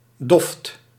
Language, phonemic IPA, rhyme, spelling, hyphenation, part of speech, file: Dutch, /dɔft/, -ɔft, doft, doft, noun, Nl-doft.ogg
- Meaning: bench for rowers